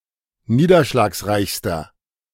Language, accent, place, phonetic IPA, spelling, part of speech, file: German, Germany, Berlin, [ˈniːdɐʃlaːksˌʁaɪ̯çstɐ], niederschlagsreichster, adjective, De-niederschlagsreichster.ogg
- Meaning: inflection of niederschlagsreich: 1. strong/mixed nominative masculine singular superlative degree 2. strong genitive/dative feminine singular superlative degree